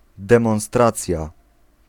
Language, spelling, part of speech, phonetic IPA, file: Polish, demonstracja, noun, [ˌdɛ̃mɔ̃w̃ˈstrat͡sʲja], Pl-demonstracja.ogg